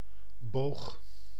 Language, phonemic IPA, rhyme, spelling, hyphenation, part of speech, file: Dutch, /boːx/, -oːx, boog, boog, noun / verb, Nl-boog.ogg
- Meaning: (noun) 1. a bow (ranged weapon) 2. an arc 3. an arch 4. the arch of a foot; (verb) 1. singular past indicative of buigen 2. inflection of bogen: first-person singular present indicative